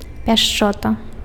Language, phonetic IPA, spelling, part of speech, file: Belarusian, [pʲaʂˈt͡ʂota], пяшчота, noun, Be-пяшчота.ogg
- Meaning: tenderness